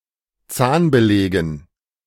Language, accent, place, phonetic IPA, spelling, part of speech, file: German, Germany, Berlin, [ˈt͡saːnbəˌlɛːɡn̩], Zahnbelägen, noun, De-Zahnbelägen.ogg
- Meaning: dative plural of Zahnbelag